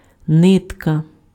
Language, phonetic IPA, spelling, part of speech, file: Ukrainian, [ˈnɪtkɐ], нитка, noun, Uk-нитка.ogg
- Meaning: thread